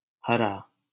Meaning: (adjective) 1. green (colour) 2. raw; unripe; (verb) inflection of हराना (harānā): 1. stem 2. second-person singular intimate present imperative
- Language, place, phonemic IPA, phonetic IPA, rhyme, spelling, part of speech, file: Hindi, Delhi, /ɦə.ɾɑː/, [ɦɐ.ɾäː], -əɾɑː, हरा, adjective / noun / verb, LL-Q1568 (hin)-हरा.wav